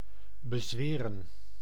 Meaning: 1. to control, to subdue 2. to enchant, to cast a spell over 3. to swear to uphold or observe 4. to swear about the truth of (by or as if by oath)
- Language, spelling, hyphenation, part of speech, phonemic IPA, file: Dutch, bezweren, be‧zwe‧ren, verb, /bəˈzʋeːrə(n)/, Nl-bezweren.ogg